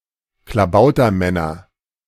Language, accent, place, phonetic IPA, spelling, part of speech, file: German, Germany, Berlin, [klaˈbaʊ̯tɐˌmɛnɐ], Klabautermänner, noun, De-Klabautermänner.ogg
- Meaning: nominative/accusative/genitive plural of Klabautermann